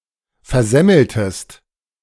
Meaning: inflection of versemmeln: 1. second-person singular preterite 2. second-person singular subjunctive II
- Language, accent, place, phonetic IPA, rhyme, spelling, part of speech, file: German, Germany, Berlin, [fɛɐ̯ˈzɛml̩təst], -ɛml̩təst, versemmeltest, verb, De-versemmeltest.ogg